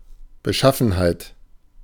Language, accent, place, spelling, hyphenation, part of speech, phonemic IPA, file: German, Germany, Berlin, Beschaffenheit, Be‧schaf‧fen‧heit, noun, /bəˈʃafn̩haɪ̯t/, De-Beschaffenheit.ogg
- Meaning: state, condition, property